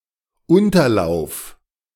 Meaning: lower reaches
- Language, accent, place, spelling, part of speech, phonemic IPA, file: German, Germany, Berlin, Unterlauf, noun, /ˈʊntɐˌlaʊ̯f/, De-Unterlauf.ogg